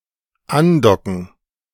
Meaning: to dock (in space)
- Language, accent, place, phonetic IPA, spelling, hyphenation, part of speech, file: German, Germany, Berlin, [ˈanˌdɔkn̩], andocken, an‧do‧cken, verb, De-andocken.ogg